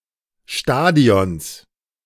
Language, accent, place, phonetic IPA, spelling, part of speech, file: German, Germany, Berlin, [ˈʃtaːdi̯ɔns], Stadions, noun, De-Stadions.ogg
- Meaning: genitive singular of Stadion